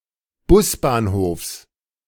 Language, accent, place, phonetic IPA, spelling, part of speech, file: German, Germany, Berlin, [ˈbʊsbaːnˌhoːfs], Busbahnhofs, noun, De-Busbahnhofs.ogg
- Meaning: genitive singular of Busbahnhof